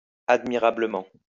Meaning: admirably
- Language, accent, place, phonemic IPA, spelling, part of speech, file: French, France, Lyon, /ad.mi.ʁa.blə.mɑ̃/, admirablement, adverb, LL-Q150 (fra)-admirablement.wav